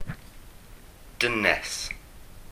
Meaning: woman
- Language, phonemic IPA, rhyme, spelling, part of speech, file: Welsh, /ˈdənɛs/, -ənɛs, dynes, noun, Cy-dynes.ogg